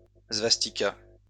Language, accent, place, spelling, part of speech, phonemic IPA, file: French, France, Lyon, svastika, noun, /svas.ti.ka/, LL-Q150 (fra)-svastika.wav
- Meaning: swastika